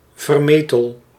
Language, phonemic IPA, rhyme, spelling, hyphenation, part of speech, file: Dutch, /ˌvərˈmeː.təl/, -eːtəl, vermetel, ver‧me‧tel, adjective / adverb, Nl-vermetel.ogg
- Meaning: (adjective) audacious, daring; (adverb) audaciously, daringly